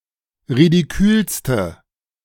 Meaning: inflection of ridikül: 1. strong/mixed nominative/accusative feminine singular superlative degree 2. strong nominative/accusative plural superlative degree
- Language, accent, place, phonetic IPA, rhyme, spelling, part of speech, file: German, Germany, Berlin, [ʁidiˈkyːlstə], -yːlstə, ridikülste, adjective, De-ridikülste.ogg